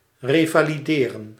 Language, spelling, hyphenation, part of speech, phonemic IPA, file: Dutch, revalideren, re‧va‧li‧de‧ren, verb, /ˌreː.vaː.liˈdeː.rə(n)/, Nl-revalideren.ogg
- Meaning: to rehabilitate, to recover